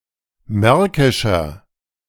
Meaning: inflection of märkisch: 1. strong/mixed nominative masculine singular 2. strong genitive/dative feminine singular 3. strong genitive plural
- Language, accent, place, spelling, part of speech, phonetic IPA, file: German, Germany, Berlin, märkischer, adjective, [ˈmɛʁkɪʃɐ], De-märkischer.ogg